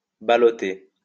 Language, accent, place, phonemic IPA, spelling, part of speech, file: French, France, Lyon, /ba.lɔ.te/, balloter, verb, LL-Q150 (fra)-balloter.wav
- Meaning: alternative form of ballotter